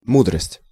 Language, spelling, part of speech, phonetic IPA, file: Russian, мудрость, noun, [ˈmudrəsʲtʲ], Ru-мудрость.ogg
- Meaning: wisdom